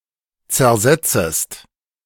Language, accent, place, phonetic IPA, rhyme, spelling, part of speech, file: German, Germany, Berlin, [t͡sɛɐ̯ˈzɛt͡səst], -ɛt͡səst, zersetzest, verb, De-zersetzest.ogg
- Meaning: second-person singular subjunctive I of zersetzen